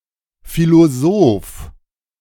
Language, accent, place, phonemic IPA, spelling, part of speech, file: German, Germany, Berlin, /ˌfiloˈzoːf/, Philosoph, noun, De-Philosoph.ogg
- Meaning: philosopher